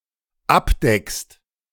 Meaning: second-person singular dependent present of abdecken
- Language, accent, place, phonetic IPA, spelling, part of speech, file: German, Germany, Berlin, [ˈapˌdɛkst], abdeckst, verb, De-abdeckst.ogg